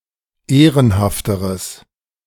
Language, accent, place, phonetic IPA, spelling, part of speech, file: German, Germany, Berlin, [ˈeːʁənhaftəʁəs], ehrenhafteres, adjective, De-ehrenhafteres.ogg
- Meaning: strong/mixed nominative/accusative neuter singular comparative degree of ehrenhaft